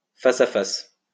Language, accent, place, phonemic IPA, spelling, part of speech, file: French, France, Lyon, /fa.sa.fas/, face-à-face, noun, LL-Q150 (fra)-face-à-face.wav
- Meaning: 1. face-to-face interview 2. head-on collision